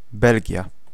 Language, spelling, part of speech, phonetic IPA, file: Polish, Belgia, proper noun, [ˈbɛlʲɟja], Pl-Belgia.ogg